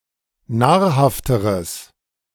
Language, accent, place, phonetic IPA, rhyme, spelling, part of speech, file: German, Germany, Berlin, [ˈnaːɐ̯ˌhaftəʁəs], -aːɐ̯haftəʁəs, nahrhafteres, adjective, De-nahrhafteres.ogg
- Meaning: strong/mixed nominative/accusative neuter singular comparative degree of nahrhaft